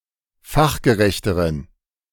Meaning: inflection of fachgerecht: 1. strong genitive masculine/neuter singular comparative degree 2. weak/mixed genitive/dative all-gender singular comparative degree
- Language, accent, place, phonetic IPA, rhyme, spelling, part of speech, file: German, Germany, Berlin, [ˈfaxɡəˌʁɛçtəʁən], -axɡəʁɛçtəʁən, fachgerechteren, adjective, De-fachgerechteren.ogg